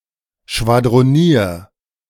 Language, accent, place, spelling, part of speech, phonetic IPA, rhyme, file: German, Germany, Berlin, schwadronier, verb, [ʃvadʁoˈniːɐ̯], -iːɐ̯, De-schwadronier.ogg
- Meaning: 1. singular imperative of schwadronieren 2. first-person singular present of schwadronieren